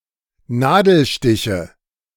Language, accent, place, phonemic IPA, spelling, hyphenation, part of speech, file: German, Germany, Berlin, /ˈnaːdl̩ˌʃtɪçə/, Nadelstiche, Na‧del‧sti‧che, noun, De-Nadelstiche.ogg
- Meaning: nominative/accusative/genitive plural of Nadelstich